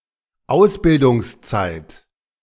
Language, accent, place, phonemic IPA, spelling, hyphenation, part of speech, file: German, Germany, Berlin, /ˈaʊ̯sbɪldʊŋsˌt͡saɪ̯t/, Ausbildungszeit, Aus‧bil‧dungs‧zeit, noun, De-Ausbildungszeit.ogg
- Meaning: apprenticeship (condition of, or the time served by, an apprentice)